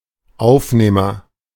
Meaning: a rag or cloth, chiefly one that is attached to a handle in order to mop the floor
- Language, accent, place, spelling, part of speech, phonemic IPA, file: German, Germany, Berlin, Aufnehmer, noun, /ˈaʊ̯fˌneːmɐ/, De-Aufnehmer.ogg